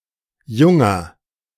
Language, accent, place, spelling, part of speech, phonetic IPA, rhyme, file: German, Germany, Berlin, junger, adjective, [ˈjʊŋɐ], -ʊŋɐ, De-junger.ogg
- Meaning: inflection of jung: 1. strong/mixed nominative masculine singular 2. strong genitive/dative feminine singular 3. strong genitive plural